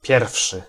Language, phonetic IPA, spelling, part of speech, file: Polish, [ˈpʲjɛrfʃɨ], pierwszy, adjective / noun, Pl-pierwszy.ogg